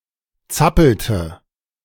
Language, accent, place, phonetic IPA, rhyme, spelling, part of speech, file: German, Germany, Berlin, [ˈt͡sapl̩tə], -apl̩tə, zappelte, verb, De-zappelte.ogg
- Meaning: inflection of zappeln: 1. first/third-person singular preterite 2. first/third-person singular subjunctive II